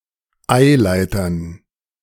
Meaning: dative plural of Eileiter
- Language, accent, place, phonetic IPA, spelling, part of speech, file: German, Germany, Berlin, [ˈaɪ̯ˌlaɪ̯tɐn], Eileitern, noun, De-Eileitern.ogg